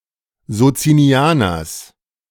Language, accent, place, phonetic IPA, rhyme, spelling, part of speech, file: German, Germany, Berlin, [zot͡siniˈaːnɐs], -aːnɐs, Sozinianers, noun, De-Sozinianers.ogg
- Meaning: genitive singular of Sozinianer